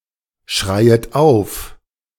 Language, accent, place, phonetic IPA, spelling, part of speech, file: German, Germany, Berlin, [ˌʃʁaɪ̯ət ˈaʊ̯f], schreiet auf, verb, De-schreiet auf.ogg
- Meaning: second-person plural subjunctive I of aufschreien